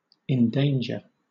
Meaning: 1. To put (someone or something) in danger; to risk causing harm to 2. To incur the hazard of; to risk; to run the risk of
- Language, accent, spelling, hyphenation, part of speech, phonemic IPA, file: English, Southern England, endanger, en‧dan‧ger, verb, /ɛnˈdeɪndʒə/, LL-Q1860 (eng)-endanger.wav